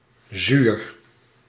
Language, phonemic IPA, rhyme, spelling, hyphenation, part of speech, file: Dutch, /zyr/, -yr, zuur, zuur, adjective / noun, Nl-zuur.ogg
- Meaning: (adjective) 1. sour 2. acidic 3. peevish, humorless, fretful; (noun) acid